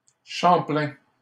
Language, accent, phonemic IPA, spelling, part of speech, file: French, Canada, /ʃɑ̃.plɛ̃/, Champlain, proper noun, LL-Q150 (fra)-Champlain.wav
- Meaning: 1. a habitational surname, Champlain 2. Champlain; Samuel de Champlain, French geographer and explorer